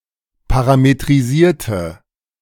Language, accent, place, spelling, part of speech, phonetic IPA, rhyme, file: German, Germany, Berlin, parametrisierte, adjective / verb, [ˌpaʁametʁiˈziːɐ̯tə], -iːɐ̯tə, De-parametrisierte.ogg
- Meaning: inflection of parametrisieren: 1. first/third-person singular preterite 2. first/third-person singular subjunctive II